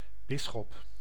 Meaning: 1. bishop (official in Orthodox, Catholic and some Protestant churches overseeing a diocese) 2. bishop, bishop's wine 3. bishop
- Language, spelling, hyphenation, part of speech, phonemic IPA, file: Dutch, bisschop, bis‧schop, noun, /ˈbɪ.sxɔp/, Nl-bisschop.ogg